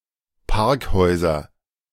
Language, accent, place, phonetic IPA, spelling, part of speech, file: German, Germany, Berlin, [ˈpaʁkˌhɔɪ̯zɐ], Parkhäuser, noun, De-Parkhäuser.ogg
- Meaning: nominative/accusative/genitive plural of Parkhaus